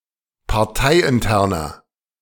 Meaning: inflection of parteiintern: 1. strong/mixed nominative masculine singular 2. strong genitive/dative feminine singular 3. strong genitive plural
- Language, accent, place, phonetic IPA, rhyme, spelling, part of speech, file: German, Germany, Berlin, [paʁˈtaɪ̯ʔɪnˌtɛʁnɐ], -aɪ̯ʔɪntɛʁnɐ, parteiinterner, adjective, De-parteiinterner.ogg